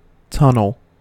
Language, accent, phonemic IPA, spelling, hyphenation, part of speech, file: English, US, /ˈtʌn(ə)l/, tunnel, tun‧nel, noun / verb, En-us-tunnel.ogg
- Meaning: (noun) 1. An underground or underwater passage 2. A passage through or under some obstacle 3. A hole in the ground made by an animal, a burrow